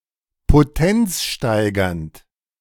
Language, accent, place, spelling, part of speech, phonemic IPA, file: German, Germany, Berlin, potenzsteigernd, adjective, /poˈtɛnt͡sˌʃtaɪ̯ɡɐnt/, De-potenzsteigernd.ogg
- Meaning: potency-enhancing